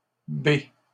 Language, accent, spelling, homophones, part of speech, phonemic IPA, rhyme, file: French, Canada, bée, béent / bées, verb / adjective, /be/, -e, LL-Q150 (fra)-bée.wav
- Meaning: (verb) inflection of béer: 1. first/third-person singular present indicative/subjunctive 2. second-person singular imperative; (adjective) feminine singular of bé